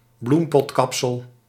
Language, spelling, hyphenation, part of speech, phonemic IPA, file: Dutch, bloempotkapsel, bloem‧pot‧kap‧sel, noun, /ˈblum.pɔtˌkɑp.səl/, Nl-bloempotkapsel.ogg
- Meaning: a bowl cut